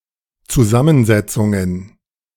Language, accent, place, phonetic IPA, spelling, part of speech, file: German, Germany, Berlin, [t͡suˈzamənˌzɛt͡sʊŋən], Zusammensetzungen, noun, De-Zusammensetzungen.ogg
- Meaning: plural of Zusammensetzung